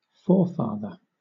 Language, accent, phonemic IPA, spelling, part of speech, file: English, Southern England, /ˈfɔːˌfɑːðə/, forefather, noun, LL-Q1860 (eng)-forefather.wav
- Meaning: 1. An ancestor 2. A cultural ancestor; one who originated an idea or tradition